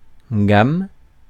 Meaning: 1. musical scale 2. range, gamut, series
- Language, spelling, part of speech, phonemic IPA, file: French, gamme, noun, /ɡam/, Fr-gamme.ogg